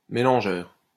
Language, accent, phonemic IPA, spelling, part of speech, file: French, France, /me.lɑ̃.ʒœʁ/, mélangeur, noun, LL-Q150 (fra)-mélangeur.wav
- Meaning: 1. mixer (device) 2. mixer tap